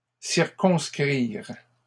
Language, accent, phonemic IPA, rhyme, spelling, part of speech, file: French, Canada, /siʁ.kɔ̃s.kʁiʁ/, -iʁ, circonscrire, verb, LL-Q150 (fra)-circonscrire.wav
- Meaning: to circumscribe